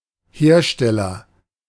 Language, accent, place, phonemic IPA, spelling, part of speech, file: German, Germany, Berlin, /ˈheːɐ̯ˌʃtɛlɐ/, Hersteller, noun, De-Hersteller.ogg
- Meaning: agent noun of herstellen; manufacturer